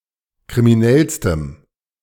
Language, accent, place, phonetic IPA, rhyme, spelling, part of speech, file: German, Germany, Berlin, [kʁimiˈnɛlstəm], -ɛlstəm, kriminellstem, adjective, De-kriminellstem.ogg
- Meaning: strong dative masculine/neuter singular superlative degree of kriminell